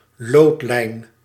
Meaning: 1. perpendicular line 2. leadline, plumb line
- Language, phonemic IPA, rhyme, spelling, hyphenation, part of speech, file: Dutch, /ˈloːtlɛi̯n/, -ɛi̯n, loodlijn, lood‧lijn, noun, Nl-loodlijn.ogg